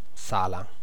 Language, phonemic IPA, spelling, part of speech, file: Italian, /ˈsala/, sala, noun / verb, It-sala.ogg